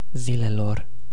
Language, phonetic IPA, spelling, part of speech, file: Romanian, [ˈzilelor], zilelor, noun, Ro-zilelor.ogg
- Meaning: definite genitive/dative plural of zi